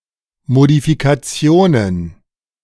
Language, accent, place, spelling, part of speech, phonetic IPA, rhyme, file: German, Germany, Berlin, Modifikationen, noun, [modifikaˈt͡si̯oːnən], -oːnən, De-Modifikationen.ogg
- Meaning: plural of Modifikation